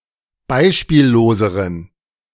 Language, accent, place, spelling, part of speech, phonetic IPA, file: German, Germany, Berlin, beispielloseren, adjective, [ˈbaɪ̯ʃpiːlloːzəʁən], De-beispielloseren.ogg
- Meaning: inflection of beispiellos: 1. strong genitive masculine/neuter singular comparative degree 2. weak/mixed genitive/dative all-gender singular comparative degree